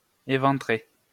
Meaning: 1. to gut, to disembowel 2. to rip apart, to tear open 3. to gore
- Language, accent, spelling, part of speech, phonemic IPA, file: French, France, éventrer, verb, /e.vɑ̃.tʁe/, LL-Q150 (fra)-éventrer.wav